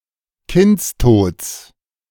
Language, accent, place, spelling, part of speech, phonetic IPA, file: German, Germany, Berlin, Kindstods, noun, [ˈkɪnt͡sˌtoːt͡s], De-Kindstods.ogg
- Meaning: genitive of Kindstod